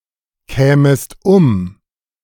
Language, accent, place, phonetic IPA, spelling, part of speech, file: German, Germany, Berlin, [ˌkɛːməst ˈʊm], kämest um, verb, De-kämest um.ogg
- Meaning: second-person singular subjunctive II of umkommen